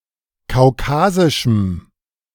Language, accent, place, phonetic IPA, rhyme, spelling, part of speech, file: German, Germany, Berlin, [kaʊ̯ˈkaːzɪʃm̩], -aːzɪʃm̩, kaukasischem, adjective, De-kaukasischem.ogg
- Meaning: strong dative masculine/neuter singular of kaukasisch